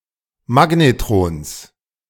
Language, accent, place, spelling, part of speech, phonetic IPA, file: German, Germany, Berlin, Magnetrons, noun, [ˈmaɡnetʁoːns], De-Magnetrons.ogg
- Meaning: genitive singular of Magnetron